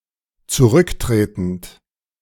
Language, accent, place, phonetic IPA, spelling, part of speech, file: German, Germany, Berlin, [t͡suˈʁʏkˌtʁeːtn̩t], zurücktretend, verb, De-zurücktretend.ogg
- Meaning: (verb) present participle of zurücktreten; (adjective) resigning